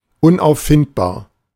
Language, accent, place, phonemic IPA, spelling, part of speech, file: German, Germany, Berlin, /ʊnʔaʊ̯fˈfɪntbaːɐ̯/, unauffindbar, adjective, De-unauffindbar.ogg
- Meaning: untraceable, nowhere to be found